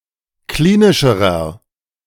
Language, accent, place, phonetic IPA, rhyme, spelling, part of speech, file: German, Germany, Berlin, [ˈkliːnɪʃəʁɐ], -iːnɪʃəʁɐ, klinischerer, adjective, De-klinischerer.ogg
- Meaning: inflection of klinisch: 1. strong/mixed nominative masculine singular comparative degree 2. strong genitive/dative feminine singular comparative degree 3. strong genitive plural comparative degree